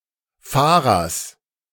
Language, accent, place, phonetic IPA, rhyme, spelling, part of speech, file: German, Germany, Berlin, [ˈfaːʁɐs], -aːʁɐs, Fahrers, noun, De-Fahrers.ogg
- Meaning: genitive singular of Fahrer